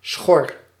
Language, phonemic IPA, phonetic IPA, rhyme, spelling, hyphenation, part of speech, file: Dutch, /sxɔr/, [sʷχɔ̜̈ə̯ʀ̥], -ɔr, schor, schor, adjective / noun, Nl-schor.ogg
- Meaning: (adjective) hoarse, husky; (noun) a plain or marsh formed by silt deposits unprotected by any dykes